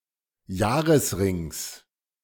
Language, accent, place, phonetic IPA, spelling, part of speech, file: German, Germany, Berlin, [ˈjaːʁəsˌʁɪŋs], Jahresrings, noun, De-Jahresrings.ogg
- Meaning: genitive singular of Jahresring